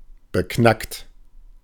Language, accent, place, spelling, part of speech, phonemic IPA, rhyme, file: German, Germany, Berlin, beknackt, adjective, /bəˈknakt/, -akt, De-beknackt.ogg
- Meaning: daft, idiotic